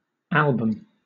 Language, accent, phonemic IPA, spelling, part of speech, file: English, Southern England, /ˈælbəm/, album, noun, LL-Q1860 (eng)-album.wav
- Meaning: 1. In Ancient Rome, a white tablet or register on which the praetor's edicts and other public notices were recorded 2. A book specially designed to keep photographs, stamps, or autographs